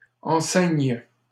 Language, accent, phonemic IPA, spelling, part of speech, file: French, Canada, /ɑ̃.sɛɲ/, enceigne, verb, LL-Q150 (fra)-enceigne.wav
- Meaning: first/third-person singular present subjunctive of enceindre